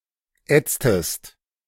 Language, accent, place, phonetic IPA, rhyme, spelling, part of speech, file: German, Germany, Berlin, [ˈɛt͡stəst], -ɛt͡stəst, ätztest, verb, De-ätztest.ogg
- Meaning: inflection of ätzen: 1. second-person singular preterite 2. second-person singular subjunctive II